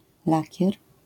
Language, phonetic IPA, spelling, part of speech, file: Polish, [ˈlacɛr], lakier, noun, LL-Q809 (pol)-lakier.wav